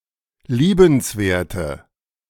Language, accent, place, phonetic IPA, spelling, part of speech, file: German, Germany, Berlin, [ˈliːbənsˌveːɐ̯tə], liebenswerte, adjective, De-liebenswerte.ogg
- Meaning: inflection of liebenswert: 1. strong/mixed nominative/accusative feminine singular 2. strong nominative/accusative plural 3. weak nominative all-gender singular